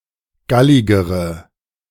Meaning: inflection of gallig: 1. strong/mixed nominative/accusative feminine singular comparative degree 2. strong nominative/accusative plural comparative degree
- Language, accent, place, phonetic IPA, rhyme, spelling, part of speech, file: German, Germany, Berlin, [ˈɡalɪɡəʁə], -alɪɡəʁə, galligere, adjective, De-galligere.ogg